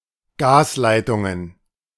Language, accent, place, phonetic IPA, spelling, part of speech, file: German, Germany, Berlin, [ˈɡaːsˌlaɪ̯tʊŋən], Gasleitungen, noun, De-Gasleitungen.ogg
- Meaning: plural of Gasleitung